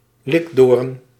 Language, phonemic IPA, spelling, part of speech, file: Dutch, /ˈlɪɡdorə(n)/, likdoren, noun, Nl-likdoren.ogg
- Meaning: alternative spelling of likdoorn